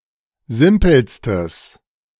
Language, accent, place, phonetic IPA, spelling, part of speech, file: German, Germany, Berlin, [ˈzɪmpl̩stəs], simpelstes, adjective, De-simpelstes.ogg
- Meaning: strong/mixed nominative/accusative neuter singular superlative degree of simpel